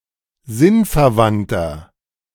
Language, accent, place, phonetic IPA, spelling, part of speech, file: German, Germany, Berlin, [ˈzɪnfɛɐ̯ˌvantɐ], sinnverwandter, adjective, De-sinnverwandter.ogg
- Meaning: 1. comparative degree of sinnverwandt 2. inflection of sinnverwandt: strong/mixed nominative masculine singular 3. inflection of sinnverwandt: strong genitive/dative feminine singular